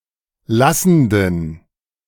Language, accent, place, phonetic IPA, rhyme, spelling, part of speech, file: German, Germany, Berlin, [ˈlasn̩dən], -asn̩dən, lassenden, adjective, De-lassenden.ogg
- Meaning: inflection of lassend: 1. strong genitive masculine/neuter singular 2. weak/mixed genitive/dative all-gender singular 3. strong/weak/mixed accusative masculine singular 4. strong dative plural